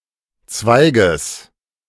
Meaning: genitive singular of Zweig
- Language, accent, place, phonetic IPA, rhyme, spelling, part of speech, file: German, Germany, Berlin, [ˈt͡svaɪ̯ɡəs], -aɪ̯ɡəs, Zweiges, noun, De-Zweiges.ogg